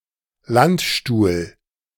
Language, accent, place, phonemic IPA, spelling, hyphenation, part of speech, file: German, Germany, Berlin, /ˈlan(t)ˌʃtuːl/, Landstuhl, Land‧stuhl, proper noun, De-Landstuhl.ogg
- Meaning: Landstuhl (a town and municipality of Rhineland-Palatinate, Germany)